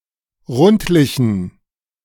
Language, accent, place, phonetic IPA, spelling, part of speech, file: German, Germany, Berlin, [ˈʁʊntlɪçn̩], rundlichen, adjective, De-rundlichen.ogg
- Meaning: inflection of rundlich: 1. strong genitive masculine/neuter singular 2. weak/mixed genitive/dative all-gender singular 3. strong/weak/mixed accusative masculine singular 4. strong dative plural